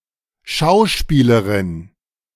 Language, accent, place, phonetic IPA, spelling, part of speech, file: German, Germany, Berlin, [ˈʃaʊ̯ˌʃpiːlə.ʁɪn], Schauspielerin, noun, De-Schauspielerin.ogg
- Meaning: actress, actor (female)